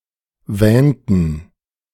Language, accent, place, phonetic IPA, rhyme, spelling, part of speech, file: German, Germany, Berlin, [ˈvɛːntn̩], -ɛːntn̩, wähnten, verb, De-wähnten.ogg
- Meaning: inflection of wähnen: 1. first/third-person plural preterite 2. first/third-person plural subjunctive II